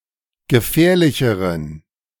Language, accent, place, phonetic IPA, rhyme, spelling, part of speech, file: German, Germany, Berlin, [ɡəˈfɛːɐ̯lɪçəʁən], -ɛːɐ̯lɪçəʁən, gefährlicheren, adjective, De-gefährlicheren.ogg
- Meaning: inflection of gefährlich: 1. strong genitive masculine/neuter singular comparative degree 2. weak/mixed genitive/dative all-gender singular comparative degree